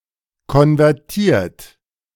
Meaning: 1. past participle of konvertieren 2. inflection of konvertieren: third-person singular present 3. inflection of konvertieren: second-person plural present
- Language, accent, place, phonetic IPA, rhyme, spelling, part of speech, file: German, Germany, Berlin, [kɔnvɛʁˈtiːɐ̯t], -iːɐ̯t, konvertiert, verb, De-konvertiert.ogg